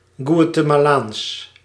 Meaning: Guatemalan (of, from, or pertaining to Guatemala or its people)
- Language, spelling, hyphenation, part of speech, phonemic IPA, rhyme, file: Dutch, Guatemalaans, Gua‧te‧ma‧laans, adjective, /ɡʋaː.tə.maːˈlaːns/, -aːns, Nl-Guatemalaans.ogg